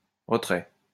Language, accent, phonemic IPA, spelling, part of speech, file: French, France, /ʁə.tʁɛ/, retrait, noun, LL-Q150 (fra)-retrait.wav
- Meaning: 1. retreat 2. withdrawal 3. out 4. dismissal 5. coitus interruptus